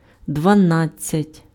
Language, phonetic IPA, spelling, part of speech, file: Ukrainian, [dʋɐˈnad͡zʲt͡sʲɐtʲ], дванадцять, numeral, Uk-дванадцять.ogg
- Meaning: twelve (12)